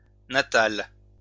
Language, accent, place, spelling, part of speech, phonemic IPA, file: French, France, Lyon, natale, adjective, /na.tal/, LL-Q150 (fra)-natale.wav
- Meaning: feminine singular of natal